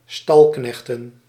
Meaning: plural of stalknecht
- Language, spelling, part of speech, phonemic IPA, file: Dutch, stalknechten, noun, /ˈstɑlknɛxtə(n)/, Nl-stalknechten.ogg